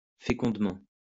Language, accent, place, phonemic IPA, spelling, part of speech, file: French, France, Lyon, /fe.kɔ̃d.mɑ̃/, fécondement, adverb, LL-Q150 (fra)-fécondement.wav
- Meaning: fecundly, fruitfully, prolifically